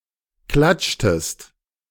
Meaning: inflection of klatschen: 1. second-person singular preterite 2. second-person singular subjunctive II
- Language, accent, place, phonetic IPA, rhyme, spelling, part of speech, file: German, Germany, Berlin, [ˈklat͡ʃtəst], -at͡ʃtəst, klatschtest, verb, De-klatschtest.ogg